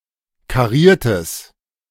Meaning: strong/mixed nominative/accusative neuter singular of kariert
- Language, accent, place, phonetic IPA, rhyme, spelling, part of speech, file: German, Germany, Berlin, [kaˈʁiːɐ̯təs], -iːɐ̯təs, kariertes, adjective, De-kariertes.ogg